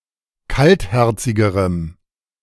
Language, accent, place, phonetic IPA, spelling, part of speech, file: German, Germany, Berlin, [ˈkaltˌhɛʁt͡sɪɡəʁəm], kaltherzigerem, adjective, De-kaltherzigerem.ogg
- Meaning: strong dative masculine/neuter singular comparative degree of kaltherzig